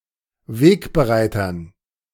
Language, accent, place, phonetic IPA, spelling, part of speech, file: German, Germany, Berlin, [ˈveːkbəˌʁaɪ̯tɐn], Wegbereitern, noun, De-Wegbereitern.ogg
- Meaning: dative plural of Wegbereiter